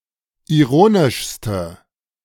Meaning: inflection of ironisch: 1. strong/mixed nominative/accusative feminine singular superlative degree 2. strong nominative/accusative plural superlative degree
- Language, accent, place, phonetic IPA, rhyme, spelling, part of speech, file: German, Germany, Berlin, [iˈʁoːnɪʃstə], -oːnɪʃstə, ironischste, adjective, De-ironischste.ogg